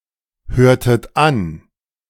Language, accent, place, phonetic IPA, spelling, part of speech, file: German, Germany, Berlin, [ˌhøːɐ̯tət ˈan], hörtet an, verb, De-hörtet an.ogg
- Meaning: inflection of anhören: 1. second-person plural preterite 2. second-person plural subjunctive II